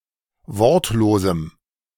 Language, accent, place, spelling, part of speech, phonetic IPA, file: German, Germany, Berlin, wortlosem, adjective, [ˈvɔʁtloːzm̩], De-wortlosem.ogg
- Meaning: strong dative masculine/neuter singular of wortlos